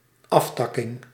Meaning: 1. bifurcation, crotch 2. ramification, branching 3. distributary
- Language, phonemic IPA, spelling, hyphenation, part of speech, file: Dutch, /ˈɑfˌtɑ.kɪŋ/, aftakking, af‧tak‧king, noun, Nl-aftakking.ogg